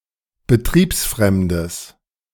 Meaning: strong/mixed nominative/accusative neuter singular of betriebsfremd
- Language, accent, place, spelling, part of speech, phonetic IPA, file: German, Germany, Berlin, betriebsfremdes, adjective, [bəˈtʁiːpsˌfʁɛmdəs], De-betriebsfremdes.ogg